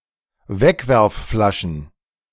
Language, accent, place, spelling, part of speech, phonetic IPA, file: German, Germany, Berlin, Wegwerfflaschen, noun, [ˈvɛkvɛʁfˌflaʃn̩], De-Wegwerfflaschen.ogg
- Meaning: plural of Wegwerfflasche